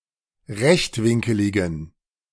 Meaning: inflection of rechtwinkelig: 1. strong genitive masculine/neuter singular 2. weak/mixed genitive/dative all-gender singular 3. strong/weak/mixed accusative masculine singular 4. strong dative plural
- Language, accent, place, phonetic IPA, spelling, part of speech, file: German, Germany, Berlin, [ˈʁɛçtˌvɪŋkəlɪɡn̩], rechtwinkeligen, adjective, De-rechtwinkeligen.ogg